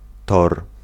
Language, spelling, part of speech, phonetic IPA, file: Polish, tor, noun, [tɔr], Pl-tor.ogg